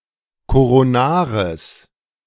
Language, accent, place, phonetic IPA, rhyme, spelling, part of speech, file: German, Germany, Berlin, [koʁoˈnaːʁəs], -aːʁəs, koronares, adjective, De-koronares.ogg
- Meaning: strong/mixed nominative/accusative neuter singular of koronar